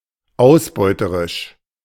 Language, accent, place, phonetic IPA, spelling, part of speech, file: German, Germany, Berlin, [ˈaʊ̯sˌbɔɪ̯təʁɪʃ], ausbeuterisch, adjective, De-ausbeuterisch.ogg
- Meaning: exploitative